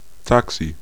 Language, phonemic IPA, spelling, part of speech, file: German, /ˈtaksi/, Taxi, noun, De-Taxi.ogg
- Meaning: taxi, cab